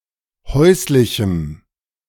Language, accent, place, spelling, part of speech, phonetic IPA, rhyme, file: German, Germany, Berlin, häuslichem, adjective, [ˈhɔɪ̯slɪçm̩], -ɔɪ̯slɪçm̩, De-häuslichem.ogg
- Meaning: strong dative masculine/neuter singular of häuslich